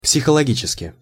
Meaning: psychologically (in a psychological manner)
- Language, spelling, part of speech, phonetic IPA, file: Russian, психологически, adverb, [psʲɪxəɫɐˈɡʲit͡ɕɪskʲɪ], Ru-психологически.ogg